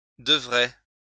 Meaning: third-person plural conditional of devoir
- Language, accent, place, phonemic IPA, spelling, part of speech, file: French, France, Lyon, /də.vʁɛ/, devraient, verb, LL-Q150 (fra)-devraient.wav